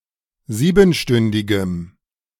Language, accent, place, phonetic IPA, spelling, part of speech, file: German, Germany, Berlin, [ˈziːbn̩ˌʃtʏndɪɡəm], siebenstündigem, adjective, De-siebenstündigem.ogg
- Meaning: strong dative masculine/neuter singular of siebenstündig